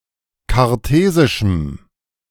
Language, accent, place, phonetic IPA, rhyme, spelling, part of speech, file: German, Germany, Berlin, [kaʁˈteːzɪʃm̩], -eːzɪʃm̩, kartesischem, adjective, De-kartesischem.ogg
- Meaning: strong dative masculine/neuter singular of kartesisch